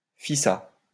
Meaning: snappy (rapid and without delay)
- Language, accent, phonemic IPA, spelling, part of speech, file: French, France, /fi.sa/, fissa, adverb, LL-Q150 (fra)-fissa.wav